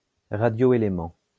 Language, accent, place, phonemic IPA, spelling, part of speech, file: French, France, Lyon, /ʁa.djo.e.le.mɑ̃/, radioélément, noun, LL-Q150 (fra)-radioélément.wav
- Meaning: radioelement